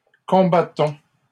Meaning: inflection of combattre: 1. first-person plural present indicative 2. first-person plural imperative
- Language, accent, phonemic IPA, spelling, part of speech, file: French, Canada, /kɔ̃.ba.tɔ̃/, combattons, verb, LL-Q150 (fra)-combattons.wav